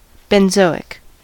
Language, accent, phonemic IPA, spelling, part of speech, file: English, US, /bɛnˈzoʊɪk/, benzoic, adjective, En-us-benzoic.ogg
- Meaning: 1. Pertaining to, or obtained from, benzoin 2. Derived from benzoic acid or its derivatives